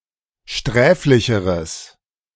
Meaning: strong/mixed nominative/accusative neuter singular comparative degree of sträflich
- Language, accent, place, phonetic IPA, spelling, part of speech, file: German, Germany, Berlin, [ˈʃtʁɛːflɪçəʁəs], sträflicheres, adjective, De-sträflicheres.ogg